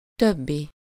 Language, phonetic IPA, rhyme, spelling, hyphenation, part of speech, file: Hungarian, [ˈtøbːi], -bi, többi, töb‧bi, adjective / noun, Hu-többi.ogg
- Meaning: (adjective) other; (noun) the others (all except for the specified ones)